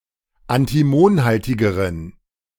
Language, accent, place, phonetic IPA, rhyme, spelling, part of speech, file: German, Germany, Berlin, [antiˈmoːnˌhaltɪɡəʁən], -oːnhaltɪɡəʁən, antimonhaltigeren, adjective, De-antimonhaltigeren.ogg
- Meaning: inflection of antimonhaltig: 1. strong genitive masculine/neuter singular comparative degree 2. weak/mixed genitive/dative all-gender singular comparative degree